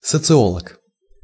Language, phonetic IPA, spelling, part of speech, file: Russian, [sət͡sɨˈoɫək], социолог, noun, Ru-социолог.ogg
- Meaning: sociologist